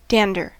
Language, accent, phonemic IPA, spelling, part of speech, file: English, US, /ˈdændə(ɹ)/, dander, noun / verb, En-us-dander.ogg
- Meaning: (noun) 1. Dandruff—scaly white dead skin flakes from the human scalp 2. Hair follicles and dead skin shed from mammals